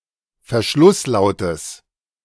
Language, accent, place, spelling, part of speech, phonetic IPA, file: German, Germany, Berlin, Verschlusslautes, noun, [fɛɐ̯ˈʃlʊsˌlaʊ̯təs], De-Verschlusslautes.ogg
- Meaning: genitive singular of Verschlusslaut